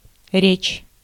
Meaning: 1. speech, language (spoken) 2. discourse, talk, conversation 3. word
- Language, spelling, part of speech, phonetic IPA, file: Russian, речь, noun, [rʲet͡ɕ], Ru-речь.ogg